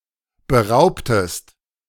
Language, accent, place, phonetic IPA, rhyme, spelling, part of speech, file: German, Germany, Berlin, [bəˈʁaʊ̯ptəst], -aʊ̯ptəst, beraubtest, verb, De-beraubtest.ogg
- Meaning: inflection of berauben: 1. second-person singular preterite 2. second-person singular subjunctive II